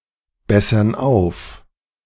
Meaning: inflection of aufbessern: 1. first/third-person plural present 2. first/third-person plural subjunctive I
- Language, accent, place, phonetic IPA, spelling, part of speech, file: German, Germany, Berlin, [ˌbɛsɐn ˈaʊ̯f], bessern auf, verb, De-bessern auf.ogg